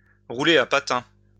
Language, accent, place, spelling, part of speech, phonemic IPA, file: French, France, Lyon, rouler un patin, verb, /ʁu.le œ̃ pa.tɛ̃/, LL-Q150 (fra)-rouler un patin.wav
- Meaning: to French kiss (kiss someone while inserting one’s tongue into their mouth)